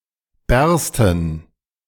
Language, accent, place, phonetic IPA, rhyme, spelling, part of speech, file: German, Germany, Berlin, [ˈbɛʁstn̩], -ɛʁstn̩, bärsten, verb, De-bärsten.ogg
- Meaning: first/third-person plural subjunctive II of bersten